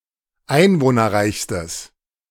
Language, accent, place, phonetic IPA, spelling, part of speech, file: German, Germany, Berlin, [ˈaɪ̯nvoːnɐˌʁaɪ̯çstəs], einwohnerreichstes, adjective, De-einwohnerreichstes.ogg
- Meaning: strong/mixed nominative/accusative neuter singular superlative degree of einwohnerreich